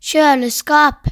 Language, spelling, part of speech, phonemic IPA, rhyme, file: Norwegian Bokmål, kjøleskap, noun, /²çøːləˌskɑːp/, -ɑːp, No-kjøleskap.ogg
- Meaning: a fridge or refrigerator